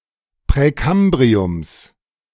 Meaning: genitive singular of Präkambrium
- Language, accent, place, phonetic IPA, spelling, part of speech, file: German, Germany, Berlin, [pʁɛˈkambʁiʊms], Präkambriums, noun, De-Präkambriums.ogg